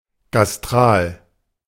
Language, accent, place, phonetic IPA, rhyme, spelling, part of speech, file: German, Germany, Berlin, [ɡasˈtʁaːl], -aːl, gastral, adjective, De-gastral.ogg
- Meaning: gastric